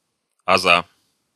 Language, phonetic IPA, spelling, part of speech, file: Russian, [ɐˈza], аза, noun, Ru-аза́.ogg
- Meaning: genitive singular of аз (az)